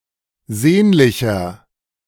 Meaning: 1. comparative degree of sehnlich 2. inflection of sehnlich: strong/mixed nominative masculine singular 3. inflection of sehnlich: strong genitive/dative feminine singular
- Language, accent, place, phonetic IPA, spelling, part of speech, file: German, Germany, Berlin, [ˈzeːnlɪçɐ], sehnlicher, adjective, De-sehnlicher.ogg